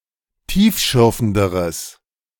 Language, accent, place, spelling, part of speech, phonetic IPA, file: German, Germany, Berlin, tiefschürfenderes, adjective, [ˈtiːfˌʃʏʁfn̩dəʁəs], De-tiefschürfenderes.ogg
- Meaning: strong/mixed nominative/accusative neuter singular comparative degree of tiefschürfend